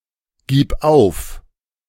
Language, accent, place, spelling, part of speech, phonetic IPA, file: German, Germany, Berlin, gib auf, verb, [ˌɡiːp ˈaʊ̯f], De-gib auf.ogg
- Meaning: singular imperative of aufgeben